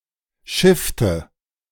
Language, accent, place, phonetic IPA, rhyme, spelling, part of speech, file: German, Germany, Berlin, [ˈʃɪftə], -ɪftə, schiffte, verb, De-schiffte.ogg
- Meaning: inflection of schiffen: 1. first/third-person singular preterite 2. first/third-person singular subjunctive II